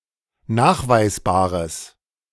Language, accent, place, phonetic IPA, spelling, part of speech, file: German, Germany, Berlin, [ˈnaːxvaɪ̯sˌbaːʁəs], nachweisbares, adjective, De-nachweisbares.ogg
- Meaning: strong/mixed nominative/accusative neuter singular of nachweisbar